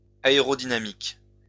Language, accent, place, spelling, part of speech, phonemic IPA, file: French, France, Lyon, aérodynamiques, noun, /a.e.ʁɔ.di.na.mik/, LL-Q150 (fra)-aérodynamiques.wav
- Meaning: plural of aérodynamique